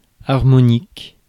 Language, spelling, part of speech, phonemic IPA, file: French, harmonique, adjective, /aʁ.mɔ.nik/, Fr-harmonique.ogg
- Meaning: harmonic